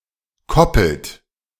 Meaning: inflection of koppeln: 1. second-person plural present 2. third-person singular present 3. plural imperative
- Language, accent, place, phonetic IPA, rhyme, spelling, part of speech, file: German, Germany, Berlin, [ˈkɔpl̩t], -ɔpl̩t, koppelt, verb, De-koppelt.ogg